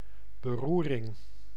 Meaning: turmoil, tumult, commotion, ruckus, agitation
- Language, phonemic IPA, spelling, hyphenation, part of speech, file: Dutch, /bəˈru.rɪŋ/, beroering, be‧roe‧ring, noun, Nl-beroering.ogg